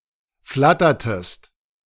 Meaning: inflection of flattern: 1. second-person singular preterite 2. second-person singular subjunctive II
- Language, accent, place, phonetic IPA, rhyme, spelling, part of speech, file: German, Germany, Berlin, [ˈflatɐtəst], -atɐtəst, flattertest, verb, De-flattertest.ogg